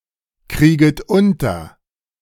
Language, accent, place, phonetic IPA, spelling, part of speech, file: German, Germany, Berlin, [ˌkʁiːɡət ˈʊntɐ], krieget unter, verb, De-krieget unter.ogg
- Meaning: second-person plural subjunctive I of unterkriegen